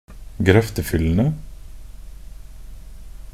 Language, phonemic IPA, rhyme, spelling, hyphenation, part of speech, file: Norwegian Bokmål, /ɡrœftəfʏlːənə/, -ənə, grøftefyllene, grøf‧te‧fyl‧le‧ne, noun, Nb-grøftefyllene.ogg
- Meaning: definite plural of grøftefyll